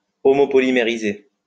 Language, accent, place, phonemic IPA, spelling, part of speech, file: French, France, Lyon, /ɔ.mɔ.pɔ.li.me.ʁi.ze/, homopolymériser, verb, LL-Q150 (fra)-homopolymériser.wav
- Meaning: to homopolymerize